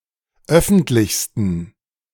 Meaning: 1. superlative degree of öffentlich 2. inflection of öffentlich: strong genitive masculine/neuter singular superlative degree
- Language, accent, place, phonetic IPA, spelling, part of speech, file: German, Germany, Berlin, [ˈœfn̩tlɪçstn̩], öffentlichsten, adjective, De-öffentlichsten.ogg